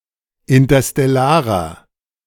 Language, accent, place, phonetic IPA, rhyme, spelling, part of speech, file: German, Germany, Berlin, [ɪntɐstɛˈlaːʁɐ], -aːʁɐ, interstellarer, adjective, De-interstellarer.ogg
- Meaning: inflection of interstellar: 1. strong/mixed nominative masculine singular 2. strong genitive/dative feminine singular 3. strong genitive plural